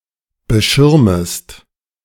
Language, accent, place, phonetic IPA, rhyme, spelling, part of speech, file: German, Germany, Berlin, [bəˈʃɪʁməst], -ɪʁməst, beschirmest, verb, De-beschirmest.ogg
- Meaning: second-person singular subjunctive I of beschirmen